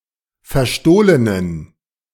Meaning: inflection of verstohlen: 1. strong genitive masculine/neuter singular 2. weak/mixed genitive/dative all-gender singular 3. strong/weak/mixed accusative masculine singular 4. strong dative plural
- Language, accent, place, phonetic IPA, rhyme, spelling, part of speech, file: German, Germany, Berlin, [fɛɐ̯ˈʃtoːlənən], -oːlənən, verstohlenen, adjective, De-verstohlenen.ogg